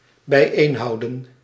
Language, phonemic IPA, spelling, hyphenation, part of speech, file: Dutch, /bɛi̯ˈeːnɦɑu̯də(n)/, bijeenhouden, bij‧een‧hou‧den, verb, Nl-bijeenhouden.ogg
- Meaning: to hold together